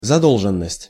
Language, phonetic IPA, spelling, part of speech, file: Russian, [zɐˈdoɫʐɨn(ː)əsʲtʲ], задолженность, noun, Ru-задолженность.ogg
- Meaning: liabilities, debt, indebtedness, arrears (state or condition of owing something to another)